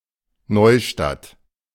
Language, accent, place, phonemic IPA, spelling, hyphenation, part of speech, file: German, Germany, Berlin, /ˈnɔɪ̯ʃtat/, Neustadt, Neu‧stadt, proper noun, De-Neustadt.ogg
- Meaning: 1. a town in Bavaria, Germany; full name Neustadt an der Aisch 2. a town in Bavaria, Germany; full name Neustadt bei Coburg 3. a town in Bavaria, Germany; full name Neustadt an der Donau